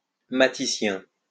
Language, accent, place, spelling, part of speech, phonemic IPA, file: French, France, Lyon, matissien, adjective, /ma.ti.sjɛ̃/, LL-Q150 (fra)-matissien.wav
- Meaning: Matissean